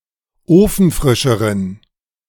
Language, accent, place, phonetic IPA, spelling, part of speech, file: German, Germany, Berlin, [ˈoːfn̩ˌfʁɪʃəʁən], ofenfrischeren, adjective, De-ofenfrischeren.ogg
- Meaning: inflection of ofenfrisch: 1. strong genitive masculine/neuter singular comparative degree 2. weak/mixed genitive/dative all-gender singular comparative degree